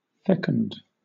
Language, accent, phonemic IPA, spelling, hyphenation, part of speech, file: English, Southern England, /ˈfɛk.ənd/, fecund, fec‧und, adjective, LL-Q1860 (eng)-fecund.wav
- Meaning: 1. Highly fertile; able to produce offspring 2. Leading to new ideas or innovation